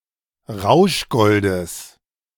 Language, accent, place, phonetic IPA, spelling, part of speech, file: German, Germany, Berlin, [ˈʁaʊ̯ʃˌɡɔldəs], Rauschgoldes, noun, De-Rauschgoldes.ogg
- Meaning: genitive singular of Rauschgold